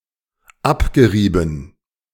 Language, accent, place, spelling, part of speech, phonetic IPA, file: German, Germany, Berlin, abgerieben, verb, [ˈapɡəˌʁiːbn̩], De-abgerieben.ogg
- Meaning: past participle of abreiben